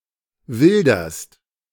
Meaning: second-person singular present of wildern
- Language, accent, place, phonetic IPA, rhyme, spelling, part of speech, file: German, Germany, Berlin, [ˈvɪldɐst], -ɪldɐst, wilderst, verb, De-wilderst.ogg